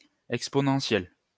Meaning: exponential
- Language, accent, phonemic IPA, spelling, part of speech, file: French, France, /ɛk.spɔ.nɑ̃.sjɛl/, exponentiel, adjective, LL-Q150 (fra)-exponentiel.wav